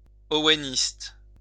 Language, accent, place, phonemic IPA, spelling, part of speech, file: French, France, Lyon, /ɔ.we.nist/, owéniste, adjective / noun, LL-Q150 (fra)-owéniste.wav
- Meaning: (adjective) Owenist